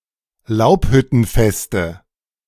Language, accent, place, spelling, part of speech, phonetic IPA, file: German, Germany, Berlin, Laubhüttenfeste, noun, [ˈlaʊ̯phʏtn̩ˌfɛstə], De-Laubhüttenfeste.ogg
- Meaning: nominative/accusative/genitive plural of Laubhüttenfest